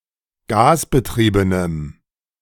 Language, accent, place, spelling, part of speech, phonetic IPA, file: German, Germany, Berlin, gasbetriebenem, adjective, [ˈɡaːsbəˌtʁiːbənəm], De-gasbetriebenem.ogg
- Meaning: strong dative masculine/neuter singular of gasbetrieben